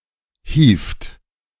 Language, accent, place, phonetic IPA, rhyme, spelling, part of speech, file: German, Germany, Berlin, [hiːft], -iːft, hievt, verb, De-hievt.ogg
- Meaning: inflection of hieven: 1. third-person singular present 2. second-person plural present 3. plural imperative